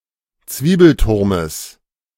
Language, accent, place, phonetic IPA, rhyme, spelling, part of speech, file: German, Germany, Berlin, [ˈt͡sviːbl̩ˌtʊʁməs], -iːbl̩tʊʁməs, Zwiebelturmes, noun, De-Zwiebelturmes.ogg
- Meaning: genitive of Zwiebelturm